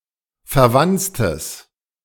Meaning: strong/mixed nominative/accusative neuter singular of verwanzt
- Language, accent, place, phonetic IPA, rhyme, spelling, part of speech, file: German, Germany, Berlin, [fɛɐ̯ˈvant͡stəs], -ant͡stəs, verwanztes, adjective, De-verwanztes.ogg